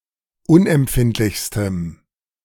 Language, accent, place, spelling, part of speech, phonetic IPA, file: German, Germany, Berlin, unempfindlichstem, adjective, [ˈʊnʔɛmˌpfɪntlɪçstəm], De-unempfindlichstem.ogg
- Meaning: strong dative masculine/neuter singular superlative degree of unempfindlich